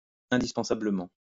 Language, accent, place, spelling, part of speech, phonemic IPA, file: French, France, Lyon, indispensablement, adverb, /ɛ̃.dis.pɑ̃.sa.blə.mɑ̃/, LL-Q150 (fra)-indispensablement.wav
- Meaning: indispensably